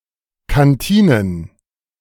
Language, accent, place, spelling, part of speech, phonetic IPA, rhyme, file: German, Germany, Berlin, Kantinen, noun, [kanˈtiːnən], -iːnən, De-Kantinen.ogg
- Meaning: plural of Kantine